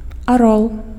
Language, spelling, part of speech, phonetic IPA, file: Belarusian, арол, noun, [aˈroɫ], Be-арол.ogg
- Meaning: eagle (bird)